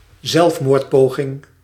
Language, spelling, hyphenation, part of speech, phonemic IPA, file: Dutch, zelfmoordpoging, zelf‧moord‧po‧ging, noun, /ˈzɛlf.moːrtˌpoː.ɣɪŋ/, Nl-zelfmoordpoging.ogg
- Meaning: a suicide attempt, an attempted suicide